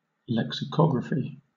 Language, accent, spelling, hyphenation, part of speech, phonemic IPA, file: English, Southern England, lexicography, lex‧i‧co‧gra‧phy, noun, /ˌlɛksɪˈkɒɡɹəfi/, LL-Q1860 (eng)-lexicography.wav
- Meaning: The art or craft of compiling, writing, and editing dictionaries